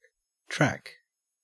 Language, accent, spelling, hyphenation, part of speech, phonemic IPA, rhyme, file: English, Australia, track, track, noun / verb, /ˈtɹæk/, -æk, En-au-track.ogg
- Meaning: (noun) 1. A mark left by something that has passed along 2. A mark or impression left by the foot, either of man or animal 3. The entire lower surface of the foot; said of birds, etc